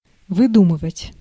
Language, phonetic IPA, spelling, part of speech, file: Russian, [vɨˈdumɨvətʲ], выдумывать, verb, Ru-выдумывать.ogg
- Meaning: 1. to invent, to contrive, to devise 2. to concoct, to fabricate, to make up